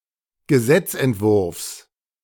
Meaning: genitive singular of Gesetzentwurf
- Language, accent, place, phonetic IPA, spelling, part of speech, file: German, Germany, Berlin, [ɡəˈzɛt͡sʔɛntˌvʊʁfs], Gesetzentwurfs, noun, De-Gesetzentwurfs.ogg